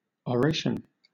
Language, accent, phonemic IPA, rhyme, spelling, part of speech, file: English, Southern England, /ɒˈɹeɪʃən/, -eɪʃən, oration, noun / verb, LL-Q1860 (eng)-oration.wav
- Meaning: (noun) 1. A formal, often ceremonial speech 2. A lengthy speech or argument in a private setting